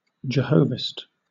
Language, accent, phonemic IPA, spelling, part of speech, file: English, Southern England, /d͡ʒəˈhəʊvɪst/, Jehovist, proper noun / noun, LL-Q1860 (eng)-Jehovist.wav
- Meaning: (proper noun) The writer of the passages of the Old Testament, especially those of the Pentateuch, in which the Supreme Being is styled Jehovah. See Elohist